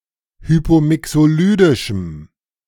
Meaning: strong dative masculine/neuter singular of hypomixolydisch
- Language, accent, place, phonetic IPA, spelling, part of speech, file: German, Germany, Berlin, [ˈhyːpoːˌmɪksoːˌlyːdɪʃm̩], hypomixolydischem, adjective, De-hypomixolydischem.ogg